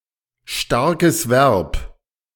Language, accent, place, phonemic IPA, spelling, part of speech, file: German, Germany, Berlin, /ˈʃtaʁkəs vɛʁp/, starkes Verb, noun, De-starkes Verb.ogg
- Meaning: strong verb